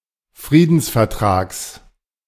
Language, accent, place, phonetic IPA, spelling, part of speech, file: German, Germany, Berlin, [ˈfʁiːdn̩sfɛɐ̯ˌtʁaːks], Friedensvertrags, noun, De-Friedensvertrags.ogg
- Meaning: genitive of Friedensvertrag